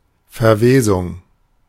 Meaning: decomposition (of living things)
- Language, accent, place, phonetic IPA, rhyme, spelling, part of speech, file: German, Germany, Berlin, [fɛɐ̯ˈveːzʊŋ], -eːzʊŋ, Verwesung, noun, De-Verwesung.ogg